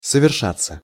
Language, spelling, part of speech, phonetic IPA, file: Russian, совершаться, verb, [səvʲɪrˈʂat͡sːə], Ru-совершаться.ogg
- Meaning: 1. to happen, to take place 2. passive of соверша́ть (soveršátʹ)